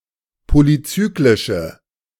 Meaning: inflection of polyzyklisch: 1. strong/mixed nominative/accusative feminine singular 2. strong nominative/accusative plural 3. weak nominative all-gender singular
- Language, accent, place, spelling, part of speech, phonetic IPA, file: German, Germany, Berlin, polyzyklische, adjective, [ˌpolyˈt͡syːklɪʃə], De-polyzyklische.ogg